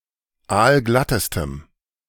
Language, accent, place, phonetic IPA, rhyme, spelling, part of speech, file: German, Germany, Berlin, [ˈaːlˈɡlatəstəm], -atəstəm, aalglattestem, adjective, De-aalglattestem.ogg
- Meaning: strong dative masculine/neuter singular superlative degree of aalglatt